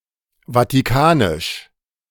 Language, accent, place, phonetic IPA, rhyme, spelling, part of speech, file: German, Germany, Berlin, [vatiˈkaːnɪʃ], -aːnɪʃ, vatikanisch, adjective, De-vatikanisch.ogg
- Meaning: Vatican (related to Vatican City)